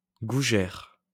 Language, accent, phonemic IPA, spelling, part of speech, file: French, France, /ɡu.ʒɛʁ/, gougère, noun, LL-Q150 (fra)-gougère.wav
- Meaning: gougère